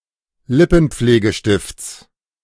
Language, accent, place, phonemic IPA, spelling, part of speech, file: German, Germany, Berlin, /ˈlɪpn̩̩p͡fleːɡəˌʃtɪft͡s/, Lippenpflegestifts, noun, De-Lippenpflegestifts.ogg
- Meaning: genitive singular of Lippenpflegestift